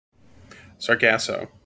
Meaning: 1. A brown alga, of the genus Sargassum, that forms large, floating masses 2. Also Sargasso: a confused, tangled mass or situation
- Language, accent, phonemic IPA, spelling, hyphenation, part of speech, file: English, General American, /sɑɹˈɡæsoʊ/, sargasso, sar‧gas‧so, noun, En-us-sargasso.mp3